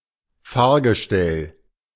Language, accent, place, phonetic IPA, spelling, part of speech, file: German, Germany, Berlin, [ˈfaːɐ̯ɡəˌʃtɛl], Fahrgestell, noun, De-Fahrgestell.ogg
- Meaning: chassis